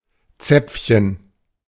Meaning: 1. diminutive of Zapfen 2. uvula 3. suppository
- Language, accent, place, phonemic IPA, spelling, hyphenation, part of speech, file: German, Germany, Berlin, /ˈt͡sɛp͡fçn̩/, Zäpfchen, Zäpf‧chen, noun, De-Zäpfchen.ogg